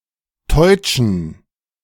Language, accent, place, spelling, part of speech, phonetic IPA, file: German, Germany, Berlin, teutschen, adjective, [tɔɪ̯t͡ʃn̩], De-teutschen.ogg
- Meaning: inflection of teutsch: 1. strong genitive masculine/neuter singular 2. weak/mixed genitive/dative all-gender singular 3. strong/weak/mixed accusative masculine singular 4. strong dative plural